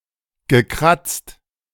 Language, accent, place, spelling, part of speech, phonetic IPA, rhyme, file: German, Germany, Berlin, gekratzt, verb, [ɡəˈkʁat͡st], -at͡st, De-gekratzt.ogg
- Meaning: past participle of kratzen